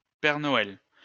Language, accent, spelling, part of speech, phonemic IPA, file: French, France, père Noël, proper noun, /pɛʁ nɔ.ɛl/, LL-Q150 (fra)-père Noël.wav
- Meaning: alternative spelling of Père Noël